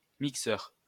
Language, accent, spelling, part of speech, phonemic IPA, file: French, France, mixeur, noun, /mik.sœʁ/, LL-Q150 (fra)-mixeur.wav
- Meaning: 1. blender (machine) 2. mixer (mixing console) 3. mixer (person who specializes in mixing music)